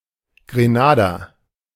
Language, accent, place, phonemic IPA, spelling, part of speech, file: German, Germany, Berlin, /ɡreˈnaːdɐ/, Grenader, noun, De-Grenader.ogg
- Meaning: Grenadian